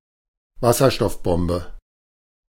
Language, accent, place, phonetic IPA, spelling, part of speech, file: German, Germany, Berlin, [ˈvasɐʃtɔfˌbɔmbə], Wasserstoffbombe, noun, De-Wasserstoffbombe.ogg
- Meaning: hydrogen bomb